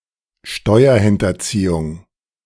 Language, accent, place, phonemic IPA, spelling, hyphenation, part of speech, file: German, Germany, Berlin, /ˈʃtɔɪ̯ɐhɪntɐˌt͡siːʊŋ/, Steuerhinterziehung, Steu‧er‧hin‧ter‧zie‧hung, noun, De-Steuerhinterziehung.ogg
- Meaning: tax evasion